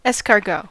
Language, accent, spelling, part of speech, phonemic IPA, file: English, US, escargot, noun, /ˌɛskɑɹˈɡoʊ/, En-us-escargot.ogg
- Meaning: 1. A dish, commonly associated with French cuisine, consisting of edible snails 2. A snail (often Helix pomatia) used in preparation of that dish